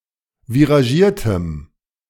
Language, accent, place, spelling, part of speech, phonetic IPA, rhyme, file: German, Germany, Berlin, viragiertem, adjective, [viʁaˈʒiːɐ̯təm], -iːɐ̯təm, De-viragiertem.ogg
- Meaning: strong dative masculine/neuter singular of viragiert